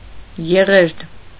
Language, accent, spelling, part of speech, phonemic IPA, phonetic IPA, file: Armenian, Eastern Armenian, եղերդ, noun, /jeˈʁeɾd/, [jeʁéɾd], Hy-եղերդ.ogg
- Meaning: chicory, Cichorium